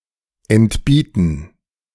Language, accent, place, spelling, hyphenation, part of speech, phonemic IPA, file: German, Germany, Berlin, entbieten, ent‧bie‧ten, verb, /ɛntˈbiːtn̩/, De-entbieten.ogg
- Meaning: 1. to present 2. to summon